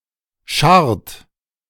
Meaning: inflection of scharren: 1. third-person singular present 2. second-person plural present 3. plural imperative
- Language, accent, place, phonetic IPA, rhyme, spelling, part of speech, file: German, Germany, Berlin, [ʃaʁt], -aʁt, scharrt, verb, De-scharrt.ogg